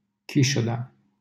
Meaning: a suburban village in Giroc, Timiș County, Romania
- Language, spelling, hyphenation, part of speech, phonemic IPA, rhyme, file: Romanian, Chișoda, Chi‧șo‧da, proper noun, /kiˈʃo.da/, -oda, LL-Q7913 (ron)-Chișoda.wav